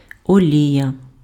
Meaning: 1. vegetable oil, plant oil 2. vegetable cooking oil 3. oil paint 4. lubricant, lubricating grease
- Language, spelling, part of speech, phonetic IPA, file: Ukrainian, олія, noun, [oˈlʲijɐ], Uk-олія.ogg